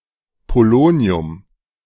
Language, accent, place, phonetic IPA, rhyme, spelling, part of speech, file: German, Germany, Berlin, [poˈloːni̯ʊm], -oːni̯ʊm, Polonium, noun, De-Polonium.ogg
- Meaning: polonium